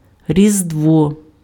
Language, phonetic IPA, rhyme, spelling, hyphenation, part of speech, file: Ukrainian, [rʲizdˈwɔ], -ɔ, Різдво, Рі‧здво, proper noun, Uk-різдво.ogg
- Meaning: 1. Christmas 2. Nativity